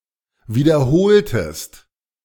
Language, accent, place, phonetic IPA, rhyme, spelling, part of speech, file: German, Germany, Berlin, [ˌviːdɐˈhoːltəst], -oːltəst, wiederholtest, verb, De-wiederholtest.ogg
- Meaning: inflection of wiederholen: 1. second-person singular preterite 2. second-person singular subjunctive II